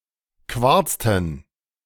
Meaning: inflection of quarzen: 1. first/third-person plural preterite 2. first/third-person plural subjunctive II
- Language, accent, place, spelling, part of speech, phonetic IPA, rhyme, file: German, Germany, Berlin, quarzten, verb, [ˈkvaʁt͡stn̩], -aʁt͡stn̩, De-quarzten.ogg